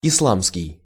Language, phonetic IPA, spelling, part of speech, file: Russian, [ɪsˈɫamskʲɪj], исламский, adjective, Ru-исламский.ogg
- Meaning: Islamic